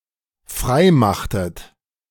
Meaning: inflection of freimachen: 1. second-person plural dependent preterite 2. second-person plural dependent subjunctive II
- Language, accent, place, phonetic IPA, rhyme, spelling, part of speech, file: German, Germany, Berlin, [ˈfʁaɪ̯ˌmaxtət], -aɪ̯maxtət, freimachtet, verb, De-freimachtet.ogg